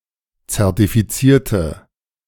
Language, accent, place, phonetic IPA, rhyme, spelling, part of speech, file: German, Germany, Berlin, [t͡sɛʁtifiˈt͡siːɐ̯tə], -iːɐ̯tə, zertifizierte, adjective / verb, De-zertifizierte.ogg
- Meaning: inflection of zertifizieren: 1. first/third-person singular preterite 2. first/third-person singular subjunctive II